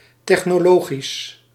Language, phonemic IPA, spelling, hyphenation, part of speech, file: Dutch, /ˌtɛx.noːˈloː.ɣis/, technologisch, tech‧no‧lo‧gisch, adjective, Nl-technologisch.ogg
- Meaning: technological